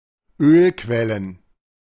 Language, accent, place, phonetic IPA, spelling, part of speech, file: German, Germany, Berlin, [ˈøːlˌkvɛlən], Ölquellen, noun, De-Ölquellen.ogg
- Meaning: plural of Ölquelle